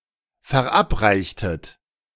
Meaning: inflection of verabreichen: 1. second-person plural preterite 2. second-person plural subjunctive II
- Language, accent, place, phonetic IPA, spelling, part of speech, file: German, Germany, Berlin, [fɛɐ̯ˈʔapˌʁaɪ̯çtət], verabreichtet, verb, De-verabreichtet.ogg